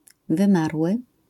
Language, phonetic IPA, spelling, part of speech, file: Polish, [vɨ̃ˈmarwɨ], wymarły, adjective, LL-Q809 (pol)-wymarły.wav